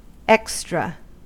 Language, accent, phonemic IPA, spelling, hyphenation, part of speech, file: English, US, /ˈɛkstɹə/, extra, ex‧tra, adjective / adverb / noun, En-us-extra.ogg
- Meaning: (adjective) 1. Beyond what is due, usual, expected, or necessary; extraneous; additional; supernumerary 2. Extraordinarily good; superior